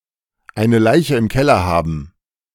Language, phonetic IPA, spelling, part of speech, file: German, [ˈaɪ̯nə ˈlaɪ̯çə ɪm ˈkɛlɐ ˈhaːbn], eine Leiche im Keller haben, phrase, De-eine Leiche im Keller haben.ogg